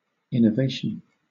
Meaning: 1. The act of innovating; the introduction of something new, in customs, rites, etc 2. A change effected by innovating; a change in customs
- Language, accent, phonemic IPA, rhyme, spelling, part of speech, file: English, Southern England, /ˌɪn.əˈveɪ.ʃən/, -eɪʃən, innovation, noun, LL-Q1860 (eng)-innovation.wav